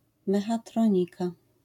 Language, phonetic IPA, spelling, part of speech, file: Polish, [ˌmɛxaˈtrɔ̃ɲika], mechatronika, noun, LL-Q809 (pol)-mechatronika.wav